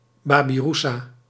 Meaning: babirusa, pig of the genus Babyrousa
- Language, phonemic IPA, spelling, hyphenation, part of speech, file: Dutch, /ˌbaː.biˈru.saː/, babiroesa, ba‧bi‧roe‧sa, noun, Nl-babiroesa.ogg